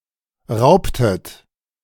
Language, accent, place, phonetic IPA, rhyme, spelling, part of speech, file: German, Germany, Berlin, [ˈʁaʊ̯ptət], -aʊ̯ptət, raubtet, verb, De-raubtet.ogg
- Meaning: inflection of rauben: 1. second-person plural preterite 2. second-person plural subjunctive II